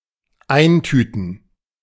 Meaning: to bag, to pocket (e.g., evidence)
- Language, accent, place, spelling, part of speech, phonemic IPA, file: German, Germany, Berlin, eintüten, verb, /ˈaɪ̯nˌtyːtn̩/, De-eintüten.ogg